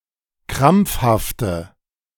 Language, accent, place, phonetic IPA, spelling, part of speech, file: German, Germany, Berlin, [ˈkʁamp͡fhaftə], krampfhafte, adjective, De-krampfhafte.ogg
- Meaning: inflection of krampfhaft: 1. strong/mixed nominative/accusative feminine singular 2. strong nominative/accusative plural 3. weak nominative all-gender singular